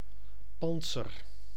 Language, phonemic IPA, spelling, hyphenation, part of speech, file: Dutch, /ˈpɑn(t).sər/, pantser, pant‧ser, noun, Nl-pantser.ogg
- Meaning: armor (US), armour (UK)